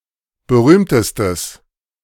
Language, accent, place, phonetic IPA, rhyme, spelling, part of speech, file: German, Germany, Berlin, [bəˈʁyːmtəstəs], -yːmtəstəs, berühmtestes, adjective, De-berühmtestes.ogg
- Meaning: strong/mixed nominative/accusative neuter singular superlative degree of berühmt